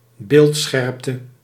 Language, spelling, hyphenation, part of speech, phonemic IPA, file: Dutch, beeldscherpte, beeld‧scherp‧te, noun, /ˈbeːltˌsxɛrp.tə/, Nl-beeldscherpte.ogg
- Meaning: resolution (of an image)